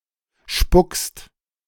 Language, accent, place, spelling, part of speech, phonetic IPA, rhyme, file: German, Germany, Berlin, spuckst, verb, [ʃpʊkst], -ʊkst, De-spuckst.ogg
- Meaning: second-person singular present of spucken